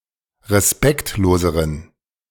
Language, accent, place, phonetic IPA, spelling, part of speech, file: German, Germany, Berlin, [ʁeˈspɛktloːzəʁən], respektloseren, adjective, De-respektloseren.ogg
- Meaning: inflection of respektlos: 1. strong genitive masculine/neuter singular comparative degree 2. weak/mixed genitive/dative all-gender singular comparative degree